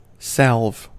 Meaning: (noun) 1. An ointment, cream, or balm with soothing, healing, or calming effects 2. Any remedy or action that soothes or heals; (verb) To calm or assuage
- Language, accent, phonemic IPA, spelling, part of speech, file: English, US, /sæ(l)v/, salve, noun / verb / interjection, En-us-salve.ogg